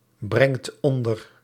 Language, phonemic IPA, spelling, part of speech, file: Dutch, /ˈbrɛŋt ˈɔndər/, brengt onder, verb, Nl-brengt onder.ogg
- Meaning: inflection of onderbrengen: 1. second/third-person singular present indicative 2. plural imperative